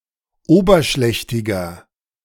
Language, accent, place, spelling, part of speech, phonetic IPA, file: German, Germany, Berlin, oberschlächtiger, adjective, [ˈoːbɐˌʃlɛçtɪɡɐ], De-oberschlächtiger.ogg
- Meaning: inflection of oberschlächtig: 1. strong/mixed nominative masculine singular 2. strong genitive/dative feminine singular 3. strong genitive plural